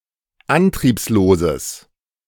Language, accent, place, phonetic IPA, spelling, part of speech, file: German, Germany, Berlin, [ˈantʁiːpsloːzəs], antriebsloses, adjective, De-antriebsloses.ogg
- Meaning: strong/mixed nominative/accusative neuter singular of antriebslos